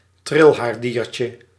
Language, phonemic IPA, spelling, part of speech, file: Dutch, /ˈtrɪlɦaːrˌdiːrtjə/, trilhaardiertje, noun, Nl-trilhaardiertje.ogg
- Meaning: the protozoan called ciliate, of the class Ciliata